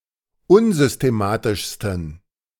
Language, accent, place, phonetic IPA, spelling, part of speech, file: German, Germany, Berlin, [ˈʊnzʏsteˌmaːtɪʃstn̩], unsystematischsten, adjective, De-unsystematischsten.ogg
- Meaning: 1. superlative degree of unsystematisch 2. inflection of unsystematisch: strong genitive masculine/neuter singular superlative degree